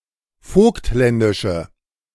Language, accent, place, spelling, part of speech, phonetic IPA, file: German, Germany, Berlin, vogtländische, adjective, [ˈfoːktˌlɛndɪʃə], De-vogtländische.ogg
- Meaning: inflection of vogtländisch: 1. strong/mixed nominative/accusative feminine singular 2. strong nominative/accusative plural 3. weak nominative all-gender singular